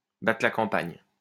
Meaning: 1. to comb the countryside, to travel all round the countryside 2. to be off one's rocker
- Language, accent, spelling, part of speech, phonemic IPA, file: French, France, battre la campagne, verb, /ba.tʁə la kɑ̃.paɲ/, LL-Q150 (fra)-battre la campagne.wav